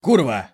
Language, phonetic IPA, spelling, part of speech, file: Russian, [ˈkurvə], курва, noun / interjection, Ru-курва.ogg
- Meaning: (noun) 1. whore, prostitute 2. bitch, slut 3. bastard; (interjection) fuck!, shit! bollocks!